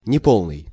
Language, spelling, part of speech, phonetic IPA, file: Russian, неполный, adjective, [nʲɪˈpoɫnɨj], Ru-неполный.ogg
- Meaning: 1. incomplete 2. short